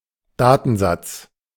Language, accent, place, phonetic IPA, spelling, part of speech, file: German, Germany, Berlin, [ˈdaːtn̩ˌzat͡s], Datensatz, noun, De-Datensatz.ogg
- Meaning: data record